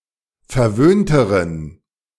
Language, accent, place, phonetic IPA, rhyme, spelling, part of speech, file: German, Germany, Berlin, [fɛɐ̯ˈvøːntəʁən], -øːntəʁən, verwöhnteren, adjective, De-verwöhnteren.ogg
- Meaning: inflection of verwöhnt: 1. strong genitive masculine/neuter singular comparative degree 2. weak/mixed genitive/dative all-gender singular comparative degree